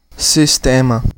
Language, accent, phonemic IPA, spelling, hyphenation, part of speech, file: Portuguese, Brazil, /sisˈtẽ.mɐ/, sistema, sis‧te‧ma, noun, Pt-br-sistema.ogg
- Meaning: 1. system 2. system, the mainstream culture, controlled by the elites or government of a state, or a combination of them, seen as oppressive to the individual; the establishment